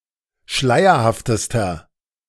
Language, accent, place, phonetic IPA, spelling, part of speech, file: German, Germany, Berlin, [ˈʃlaɪ̯ɐhaftəstɐ], schleierhaftester, adjective, De-schleierhaftester.ogg
- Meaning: inflection of schleierhaft: 1. strong/mixed nominative masculine singular superlative degree 2. strong genitive/dative feminine singular superlative degree 3. strong genitive plural superlative degree